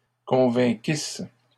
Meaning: second-person singular imperfect subjunctive of convaincre
- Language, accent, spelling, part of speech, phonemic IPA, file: French, Canada, convainquisses, verb, /kɔ̃.vɛ̃.kis/, LL-Q150 (fra)-convainquisses.wav